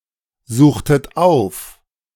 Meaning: inflection of aufsuchen: 1. second-person plural preterite 2. second-person plural subjunctive II
- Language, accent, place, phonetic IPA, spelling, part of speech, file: German, Germany, Berlin, [ˌzuːxtət ˈaʊ̯f], suchtet auf, verb, De-suchtet auf.ogg